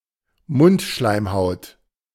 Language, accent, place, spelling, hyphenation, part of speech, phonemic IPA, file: German, Germany, Berlin, Mundschleimhaut, Mund‧schleim‧haut, noun, /ˈmʊntˌʃlaɪ̯mhaʊ̯t/, De-Mundschleimhaut.ogg
- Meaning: oral mucosa